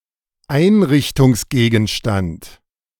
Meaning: furnishing item, fixture
- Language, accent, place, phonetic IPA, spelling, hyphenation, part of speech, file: German, Germany, Berlin, [ˈaɪ̯nrɪçtʊŋsɡeːɡn̩ʃtant], Einrichtungsgegenstand, Ein‧rich‧tungs‧ge‧gen‧stand, noun, De-Einrichtungsgegenstand.ogg